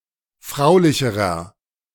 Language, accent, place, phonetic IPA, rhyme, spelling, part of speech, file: German, Germany, Berlin, [ˈfʁaʊ̯lɪçəʁɐ], -aʊ̯lɪçəʁɐ, fraulicherer, adjective, De-fraulicherer.ogg
- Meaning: inflection of fraulich: 1. strong/mixed nominative masculine singular comparative degree 2. strong genitive/dative feminine singular comparative degree 3. strong genitive plural comparative degree